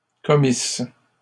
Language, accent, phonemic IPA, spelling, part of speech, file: French, Canada, /kɔ.mis/, commissent, verb, LL-Q150 (fra)-commissent.wav
- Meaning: third-person plural imperfect subjunctive of commettre